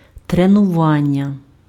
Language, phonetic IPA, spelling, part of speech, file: Ukrainian, [trenʊˈʋanʲːɐ], тренування, noun, Uk-тренування.ogg
- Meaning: training (activity of imparting and acquiring skills)